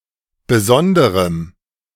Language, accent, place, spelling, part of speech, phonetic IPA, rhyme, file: German, Germany, Berlin, besonderem, adjective, [bəˈzɔndəʁəm], -ɔndəʁəm, De-besonderem.ogg
- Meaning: strong dative masculine/neuter singular of besondere